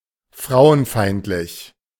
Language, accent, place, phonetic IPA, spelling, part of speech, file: German, Germany, Berlin, [ˈfʁaʊ̯ənˌfaɪ̯ntlɪç], frauenfeindlich, adjective, De-frauenfeindlich.ogg
- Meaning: misogynistic, misogynist, misogynic, misogynous